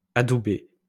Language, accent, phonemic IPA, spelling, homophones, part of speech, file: French, France, /a.du.be/, adoubé, adoubai / adoubée / adoubées / adouber / adoubés / adoubez, verb, LL-Q150 (fra)-adoubé.wav
- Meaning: past participle of adouber